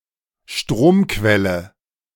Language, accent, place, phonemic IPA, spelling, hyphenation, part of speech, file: German, Germany, Berlin, /ˈʃtʁoːmˌkvɛlə/, Stromquelle, Strom‧quel‧le, noun, De-Stromquelle.ogg
- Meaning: power source